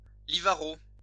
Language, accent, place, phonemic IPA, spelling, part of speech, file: French, France, Lyon, /li.va.ʁo/, livarot, noun, LL-Q150 (fra)-livarot.wav
- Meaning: Livarot (cheese)